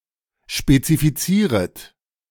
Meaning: second-person plural subjunctive I of spezifizieren
- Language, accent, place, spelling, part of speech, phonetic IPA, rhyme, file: German, Germany, Berlin, spezifizieret, verb, [ʃpet͡sifiˈt͡siːʁət], -iːʁət, De-spezifizieret.ogg